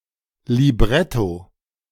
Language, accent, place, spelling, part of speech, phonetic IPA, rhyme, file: German, Germany, Berlin, Libretto, noun, [liˈbʁɛto], -ɛto, De-Libretto.ogg
- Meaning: libretto